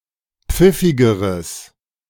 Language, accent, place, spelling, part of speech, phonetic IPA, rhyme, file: German, Germany, Berlin, pfiffigeres, adjective, [ˈp͡fɪfɪɡəʁəs], -ɪfɪɡəʁəs, De-pfiffigeres.ogg
- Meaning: strong/mixed nominative/accusative neuter singular comparative degree of pfiffig